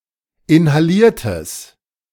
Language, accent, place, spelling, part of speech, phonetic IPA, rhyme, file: German, Germany, Berlin, inhaliertes, adjective, [ɪnhaˈliːɐ̯təs], -iːɐ̯təs, De-inhaliertes.ogg
- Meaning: strong/mixed nominative/accusative neuter singular of inhaliert